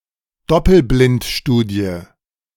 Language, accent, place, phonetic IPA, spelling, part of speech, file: German, Germany, Berlin, [ˈdɔpl̩blɪntˌʃtuːdi̯ə], Doppelblindstudie, noun, De-Doppelblindstudie.ogg
- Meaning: double-blind experiment, double-blinded experiment